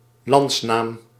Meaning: country name
- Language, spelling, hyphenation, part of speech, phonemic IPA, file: Dutch, landsnaam, lands‧naam, noun, /ˈlɑnts.naːm/, Nl-landsnaam.ogg